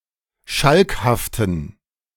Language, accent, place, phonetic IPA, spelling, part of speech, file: German, Germany, Berlin, [ˈʃalkhaftn̩], schalkhaften, adjective, De-schalkhaften.ogg
- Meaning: inflection of schalkhaft: 1. strong genitive masculine/neuter singular 2. weak/mixed genitive/dative all-gender singular 3. strong/weak/mixed accusative masculine singular 4. strong dative plural